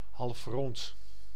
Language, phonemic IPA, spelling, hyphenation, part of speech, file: Dutch, /ˈɦɑlf.rɔnt/, halfrond, half‧rond, noun, Nl-halfrond.ogg
- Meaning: 1. hemisphere 2. meeting room in the form of a half circle